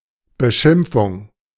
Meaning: name-calling, slander
- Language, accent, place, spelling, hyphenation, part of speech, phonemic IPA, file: German, Germany, Berlin, Beschimpfung, Be‧schimp‧fung, noun, /bəˈʃɪmpfʊŋ/, De-Beschimpfung.ogg